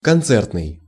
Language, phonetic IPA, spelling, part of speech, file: Russian, [kɐnˈt͡sɛrtnɨj], концертный, adjective, Ru-концертный.ogg
- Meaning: concert